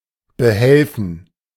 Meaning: to make do, to manage, to get by
- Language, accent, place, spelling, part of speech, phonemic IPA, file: German, Germany, Berlin, behelfen, verb, /bəˈhɛlfən/, De-behelfen.ogg